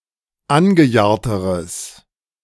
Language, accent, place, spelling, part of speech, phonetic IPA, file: German, Germany, Berlin, angejahrteres, adjective, [ˈanɡəˌjaːɐ̯təʁəs], De-angejahrteres.ogg
- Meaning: strong/mixed nominative/accusative neuter singular comparative degree of angejahrt